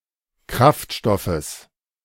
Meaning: genitive singular of Kraftstoff
- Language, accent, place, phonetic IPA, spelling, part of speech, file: German, Germany, Berlin, [ˈkʁaftˌʃtɔfəs], Kraftstoffes, noun, De-Kraftstoffes.ogg